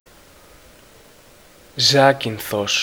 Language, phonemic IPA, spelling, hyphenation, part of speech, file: Greek, /ˈzacinθos/, Ζάκυνθος, Ζά‧κυν‧θος, proper noun, El-Ζάκυνθος.ogg
- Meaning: 1. Zakynthos, Zante (Ionian island) 2. Zakynthos, Zante (main town and capital of the island)